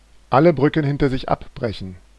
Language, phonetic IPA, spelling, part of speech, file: German, [ˈalə ˈbʁʏkn̩ ˈhɪntɐ zɪç ˈapˌbʁɛçn̩], alle Brücken hinter sich abbrechen, verb, De-alle Brücken hinter sich abbrechen.oga
- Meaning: to burn one's bridges